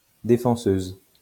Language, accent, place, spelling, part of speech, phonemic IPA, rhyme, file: French, France, Lyon, défenseuse, noun, /de.fɑ̃.søz/, -øz, LL-Q150 (fra)-défenseuse.wav
- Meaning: female equivalent of défenseur